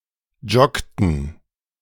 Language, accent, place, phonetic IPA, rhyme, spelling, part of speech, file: German, Germany, Berlin, [ˈd͡ʒɔktn̩], -ɔktn̩, joggten, verb, De-joggten.ogg
- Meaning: inflection of joggen: 1. first/third-person plural preterite 2. first/third-person plural subjunctive II